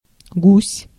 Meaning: goose
- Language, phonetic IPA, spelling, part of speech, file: Russian, [ɡusʲ], гусь, noun, Ru-гусь.ogg